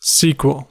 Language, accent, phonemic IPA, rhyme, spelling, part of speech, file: English, US, /ˈsiːkwəl/, -iːkwəl, sequel, noun, En-us-sequel.ogg
- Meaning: The events, collectively, which follow a previously mentioned event; the aftermath